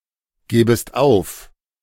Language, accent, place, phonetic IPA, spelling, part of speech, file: German, Germany, Berlin, [ˌɡeːbəst ˈaʊ̯f], gebest auf, verb, De-gebest auf.ogg
- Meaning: second-person singular subjunctive I of aufgeben